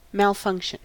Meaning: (noun) 1. Faulty functioning 2. Failure to function; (verb) 1. To function improperly 2. To fail to function
- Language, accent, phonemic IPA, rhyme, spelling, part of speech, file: English, US, /ˌmælˈfʌŋk.ʃən/, -ʌŋkʃən, malfunction, noun / verb, En-us-malfunction.ogg